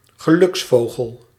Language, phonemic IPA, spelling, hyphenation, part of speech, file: Dutch, /ɣəˈlʏksˌfoː.ɣəl/, geluksvogel, ge‧luks‧vo‧gel, noun, Nl-geluksvogel.ogg
- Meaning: lucky dog (someone who is often lucky)